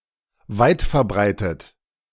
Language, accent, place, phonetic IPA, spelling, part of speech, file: German, Germany, Berlin, [ˈvaɪ̯tfɛɐ̯ˌbʁaɪ̯tət], weitverbreitet, adjective, De-weitverbreitet.ogg
- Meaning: widespread